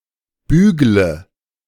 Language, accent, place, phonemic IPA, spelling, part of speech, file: German, Germany, Berlin, /ˈbyːɡlə/, bügle, verb, De-bügle.ogg
- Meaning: inflection of bügeln: 1. first-person singular present 2. singular imperative 3. first/third-person singular subjunctive I